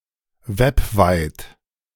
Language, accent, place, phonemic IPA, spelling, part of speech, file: German, Germany, Berlin, /ˈvɛpˌvaɪ̯t/, webweit, adjective, De-webweit.ogg
- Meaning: web-wide, Internet-wide